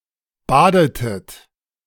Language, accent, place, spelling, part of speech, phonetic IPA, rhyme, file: German, Germany, Berlin, badetet, verb, [ˈbaːdətət], -aːdətət, De-badetet.ogg
- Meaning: inflection of baden: 1. second-person plural preterite 2. second-person plural subjunctive II